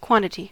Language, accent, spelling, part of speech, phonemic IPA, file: English, US, quantity, noun, /ˈkwɑn(t)ɪti/, En-us-quantity.ogg
- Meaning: A fundamental, generic term used when referring to the measurement (count, amount) of a scalar, vector, number of items or to some other way of denominating the value of a collection or group of items